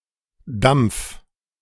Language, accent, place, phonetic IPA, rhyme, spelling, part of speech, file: German, Germany, Berlin, [damp͡f], -amp͡f, dampf, verb, De-dampf.ogg
- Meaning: 1. singular imperative of dampfen 2. first-person singular present of dampfen